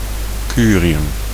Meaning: curium
- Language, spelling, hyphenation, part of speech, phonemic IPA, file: Dutch, curium, cu‧ri‧um, noun, /ˈkyː.ri.ʏm/, Nl-curium.ogg